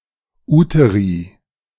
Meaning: plural of Uterus
- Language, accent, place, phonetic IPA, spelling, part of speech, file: German, Germany, Berlin, [ˈuːtəʁi], Uteri, noun, De-Uteri.ogg